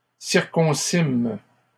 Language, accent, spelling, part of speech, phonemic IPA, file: French, Canada, circoncîmes, verb, /siʁ.kɔ̃.sim/, LL-Q150 (fra)-circoncîmes.wav
- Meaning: first-person plural past historic of circoncire